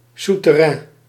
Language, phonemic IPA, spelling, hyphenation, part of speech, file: Dutch, /sutəˈrɛ̃n/, souterrain, sou‧ter‧rain, noun, Nl-souterrain.ogg
- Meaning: semibasement, a room or floor which is partially below street level, usually with small windows just above the street